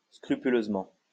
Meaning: scrupulously (in a careful manner)
- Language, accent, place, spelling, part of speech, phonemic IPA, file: French, France, Lyon, scrupuleusement, adverb, /skʁy.py.løz.mɑ̃/, LL-Q150 (fra)-scrupuleusement.wav